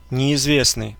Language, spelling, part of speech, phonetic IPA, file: Russian, неизвестный, adjective / noun, [nʲɪɪzˈvʲesnɨj], Ru-неизвестный.ogg
- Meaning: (adjective) unknown; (noun) stranger